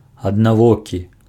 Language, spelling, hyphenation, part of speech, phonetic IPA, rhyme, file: Belarusian, аднавокі, ад‧на‧во‧кі, adjective, [adnaˈvokʲi], -okʲi, Be-аднавокі.ogg
- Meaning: one-eyed